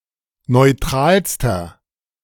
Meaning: inflection of neutral: 1. strong/mixed nominative masculine singular superlative degree 2. strong genitive/dative feminine singular superlative degree 3. strong genitive plural superlative degree
- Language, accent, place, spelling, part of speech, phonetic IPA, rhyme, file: German, Germany, Berlin, neutralster, adjective, [nɔɪ̯ˈtʁaːlstɐ], -aːlstɐ, De-neutralster.ogg